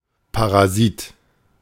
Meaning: parasite
- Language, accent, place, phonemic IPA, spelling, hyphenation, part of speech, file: German, Germany, Berlin, /paʁaˈziːt/, Parasit, Pa‧ra‧sit, noun, De-Parasit.ogg